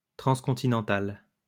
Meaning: transcontinental
- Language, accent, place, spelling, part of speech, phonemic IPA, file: French, France, Lyon, transcontinental, adjective, /tʁɑ̃s.kɔ̃.ti.nɑ̃.tal/, LL-Q150 (fra)-transcontinental.wav